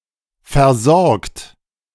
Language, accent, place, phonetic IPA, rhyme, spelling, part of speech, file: German, Germany, Berlin, [fɛɐ̯ˈzɔʁkt], -ɔʁkt, versorgt, verb, De-versorgt.ogg
- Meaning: 1. past participle of versorgen 2. inflection of versorgen: third-person singular present 3. inflection of versorgen: second-person plural present 4. inflection of versorgen: plural imperative